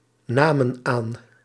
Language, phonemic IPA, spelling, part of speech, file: Dutch, /ˈnamə(n) ˈan/, namen aan, verb, Nl-namen aan.ogg
- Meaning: inflection of aannemen: 1. plural past indicative 2. plural past subjunctive